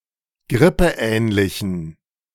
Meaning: inflection of grippeähnlich: 1. strong genitive masculine/neuter singular 2. weak/mixed genitive/dative all-gender singular 3. strong/weak/mixed accusative masculine singular 4. strong dative plural
- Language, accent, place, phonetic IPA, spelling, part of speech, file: German, Germany, Berlin, [ˈɡʁɪpəˌʔɛːnlɪçn̩], grippeähnlichen, adjective, De-grippeähnlichen.ogg